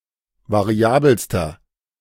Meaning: inflection of variabel: 1. strong/mixed nominative masculine singular superlative degree 2. strong genitive/dative feminine singular superlative degree 3. strong genitive plural superlative degree
- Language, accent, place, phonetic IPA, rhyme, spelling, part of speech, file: German, Germany, Berlin, [vaˈʁi̯aːbl̩stɐ], -aːbl̩stɐ, variabelster, adjective, De-variabelster.ogg